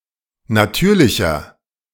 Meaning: inflection of natürlich: 1. strong/mixed nominative masculine singular 2. strong genitive/dative feminine singular 3. strong genitive plural
- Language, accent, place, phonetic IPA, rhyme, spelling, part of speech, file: German, Germany, Berlin, [naˈtyːɐ̯lɪçɐ], -yːɐ̯lɪçɐ, natürlicher, adjective, De-natürlicher.ogg